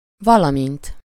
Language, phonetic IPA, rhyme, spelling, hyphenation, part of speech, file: Hungarian, [ˈvɒlɒmint], -int, valamint, va‧la‧mint, conjunction / adverb, Hu-valamint.ogg
- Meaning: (conjunction) 1. as well as (and, in addition) 2. like; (adverb) only used in valamint s valahogy (“in any way possible”)